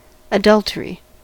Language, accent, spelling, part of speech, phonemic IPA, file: English, US, adultery, noun, /əˈdʌltəɹi/, En-us-adultery.ogg
- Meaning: Sexual intercourse by a married person with someone other than their spouse. See more synonyms at Thesaurus:cuckoldry